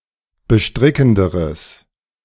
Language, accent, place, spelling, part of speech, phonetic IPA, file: German, Germany, Berlin, bestrickenderes, adjective, [bəˈʃtʁɪkn̩dəʁəs], De-bestrickenderes.ogg
- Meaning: strong/mixed nominative/accusative neuter singular comparative degree of bestrickend